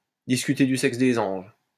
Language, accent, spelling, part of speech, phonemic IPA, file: French, France, discuter du sexe des anges, verb, /dis.ky.te dy sɛks de.z‿ɑ̃ʒ/, LL-Q150 (fra)-discuter du sexe des anges.wav
- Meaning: to count angels on pinheads